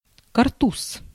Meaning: 1. a type of a peaked cap with high cap band; fiddler cap, kashket 2. newsboy cap, flat cap 3. paper bag for various loose materials 4. powder bag
- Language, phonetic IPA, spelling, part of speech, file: Russian, [kɐrˈtus], картуз, noun, Ru-картуз.ogg